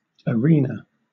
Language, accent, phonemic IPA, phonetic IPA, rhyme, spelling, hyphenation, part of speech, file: English, Southern England, /əˈɹiːnə/, [əˈɹʷɪi̯nə], -iːnə, arena, a‧re‧na, noun, LL-Q1860 (eng)-arena.wav